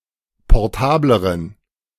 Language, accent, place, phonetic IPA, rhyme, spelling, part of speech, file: German, Germany, Berlin, [pɔʁˈtaːbləʁən], -aːbləʁən, portableren, adjective, De-portableren.ogg
- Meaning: inflection of portabel: 1. strong genitive masculine/neuter singular comparative degree 2. weak/mixed genitive/dative all-gender singular comparative degree